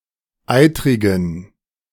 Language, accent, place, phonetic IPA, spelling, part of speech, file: German, Germany, Berlin, [ˈaɪ̯tʁɪɡn̩], eitrigen, adjective, De-eitrigen.ogg
- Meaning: inflection of eitrig: 1. strong genitive masculine/neuter singular 2. weak/mixed genitive/dative all-gender singular 3. strong/weak/mixed accusative masculine singular 4. strong dative plural